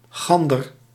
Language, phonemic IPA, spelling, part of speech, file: Dutch, /ˈɣɑndər/, gander, noun, Nl-gander.ogg
- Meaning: gander, male goose